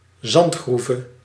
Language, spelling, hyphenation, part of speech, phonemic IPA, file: Dutch, zandgroeve, zand‧groe‧ve, noun, /ˈzɑntˌxru.və/, Nl-zandgroeve.ogg
- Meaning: sand quarry (excavation site whence sand is quarried)